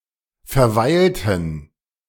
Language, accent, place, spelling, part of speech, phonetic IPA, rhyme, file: German, Germany, Berlin, verweilten, verb, [fɛɐ̯ˈvaɪ̯ltn̩], -aɪ̯ltn̩, De-verweilten.ogg
- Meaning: inflection of verweilen: 1. first/third-person plural preterite 2. first/third-person plural subjunctive II